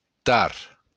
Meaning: late
- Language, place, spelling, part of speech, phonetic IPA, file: Occitan, Béarn, tard, adverb, [tart], LL-Q14185 (oci)-tard.wav